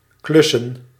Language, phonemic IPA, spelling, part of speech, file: Dutch, /ˈklʏsə(n)/, klussen, verb / noun, Nl-klussen.ogg
- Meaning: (verb) to do odd jobs; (noun) plural of klus